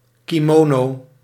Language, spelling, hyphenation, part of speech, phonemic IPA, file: Dutch, kimono, ki‧mo‧no, noun, /kiˈmoː.noː/, Nl-kimono.ogg
- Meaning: kimono